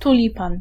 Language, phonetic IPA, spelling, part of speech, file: Polish, [tuˈlʲipãn], tulipan, noun, Pl-tulipan.ogg